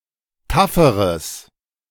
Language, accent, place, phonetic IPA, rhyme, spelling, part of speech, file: German, Germany, Berlin, [ˈtafəʁəs], -afəʁəs, tafferes, adjective, De-tafferes.ogg
- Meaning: strong/mixed nominative/accusative neuter singular comparative degree of taff